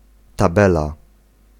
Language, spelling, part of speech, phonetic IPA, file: Polish, tabela, noun, [taˈbɛla], Pl-tabela.ogg